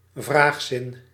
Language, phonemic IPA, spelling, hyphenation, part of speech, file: Dutch, /ˈvraːx.sɪn/, vraagzin, vraag‧zin, noun, Nl-vraagzin.ogg
- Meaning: interrogative sentence